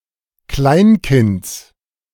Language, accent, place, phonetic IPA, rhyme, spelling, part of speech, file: German, Germany, Berlin, [ˈklaɪ̯nˌkɪnt͡s], -aɪ̯nkɪnt͡s, Kleinkinds, noun, De-Kleinkinds.ogg
- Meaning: genitive singular of Kleinkind